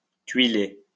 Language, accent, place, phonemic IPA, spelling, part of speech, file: French, France, Lyon, /tɥi.le/, tuiler, verb, LL-Q150 (fra)-tuiler.wav
- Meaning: 1. to tile 2. to tile (a lodge)